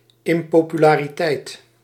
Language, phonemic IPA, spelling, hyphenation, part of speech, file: Dutch, /ˌɪm.poː.py.laː.riˈtɛi̯t/, impopulariteit, im‧po‧pu‧la‧ri‧teit, noun, Nl-impopulariteit.ogg
- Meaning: unpopularity